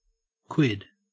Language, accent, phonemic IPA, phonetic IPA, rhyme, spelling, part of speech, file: English, Australia, /kwɪd/, [kʰw̥ɪd̥], -ɪd, quid, noun / verb, En-au-quid.ogg
- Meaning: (noun) 1. The inherent nature of something 2. A member of a section of the Democratic-Republican Party between 1805 and 1811, following John Randolph of Roanoke. (From tertium quid.)